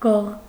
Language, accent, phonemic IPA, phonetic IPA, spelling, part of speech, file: Armenian, Eastern Armenian, /ɡoʁ/, [ɡoʁ], գող, noun, Hy-գող.ogg
- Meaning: thief